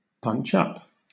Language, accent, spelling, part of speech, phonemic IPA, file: English, Southern England, punch up, verb, /ˌpʌntʃ ˈʌp/, LL-Q1860 (eng)-punch up.wav
- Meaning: 1. To beat (someone) up by punching, to fist-fight 2. To attack, counterattack, or target a group of greater power or status than oneself 3. To make bolder, zestier, or more exciting